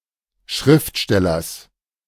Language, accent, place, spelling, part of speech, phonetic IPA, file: German, Germany, Berlin, Schriftstellers, noun, [ˈʃʁɪftˌʃtɛlɐs], De-Schriftstellers.ogg
- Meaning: genitive singular of Schriftsteller